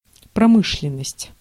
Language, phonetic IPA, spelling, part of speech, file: Russian, [prɐˈmɨʂlʲɪn(ː)əsʲtʲ], промышленность, noun, Ru-промышленность.ogg
- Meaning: industry